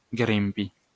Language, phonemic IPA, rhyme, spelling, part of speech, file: Esperanto, /ˈɡrimpi/, -impi, grimpi, verb, LL-Q143 (epo)-grimpi.wav